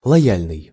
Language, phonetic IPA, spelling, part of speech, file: Russian, [ɫɐˈjælʲnɨj], лояльный, adjective, Ru-лояльный.ogg
- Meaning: 1. loyal (usually politically) 2. non-judgemental, neutral, tolerant